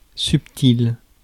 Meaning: subtle
- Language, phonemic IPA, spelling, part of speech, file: French, /syp.til/, subtil, adjective, Fr-subtil.ogg